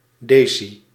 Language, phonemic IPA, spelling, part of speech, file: Dutch, /ˈdeː.si/, deci-, prefix, Nl-deci-.ogg
- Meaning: deci-